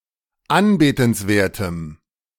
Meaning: strong dative masculine/neuter singular of anbetenswert
- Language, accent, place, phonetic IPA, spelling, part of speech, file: German, Germany, Berlin, [ˈanbeːtn̩sˌveːɐ̯təm], anbetenswertem, adjective, De-anbetenswertem.ogg